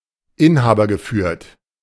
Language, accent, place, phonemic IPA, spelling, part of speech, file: German, Germany, Berlin, /ˈɪnhaːbɐɡəˌfyːɐ̯t/, inhabergeführt, adjective, De-inhabergeführt.ogg
- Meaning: owner-managed